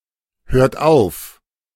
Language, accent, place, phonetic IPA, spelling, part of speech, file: German, Germany, Berlin, [ˌhøːɐ̯t ˈaʊ̯f], hört auf, verb, De-hört auf.ogg
- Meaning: inflection of aufhören: 1. third-person singular present 2. second-person plural present 3. plural imperative